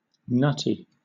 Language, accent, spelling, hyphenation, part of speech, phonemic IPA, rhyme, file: English, Southern England, nutty, nut‧ty, adjective, /ˈnʌti/, -ʌti, LL-Q1860 (eng)-nutty.wav
- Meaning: 1. Containing nuts 2. Resembling or characteristic of nuts 3. Barmy: eccentric, odd; crazy, mad, insane 4. Extravagantly fashionable